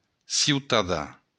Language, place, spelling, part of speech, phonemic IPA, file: Occitan, Béarn, ciutadan, noun, /siwtaˈða/, LL-Q14185 (oci)-ciutadan.wav
- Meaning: citizen